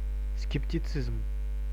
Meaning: skepticism
- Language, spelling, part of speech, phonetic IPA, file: Russian, скептицизм, noun, [skʲɪptʲɪˈt͡sɨzm], Ru-скептицизм.ogg